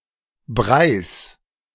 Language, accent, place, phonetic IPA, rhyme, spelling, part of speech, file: German, Germany, Berlin, [ˈbʁaɪ̯s], -aɪ̯s, Breis, noun, De-Breis.ogg
- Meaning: genitive singular of Brei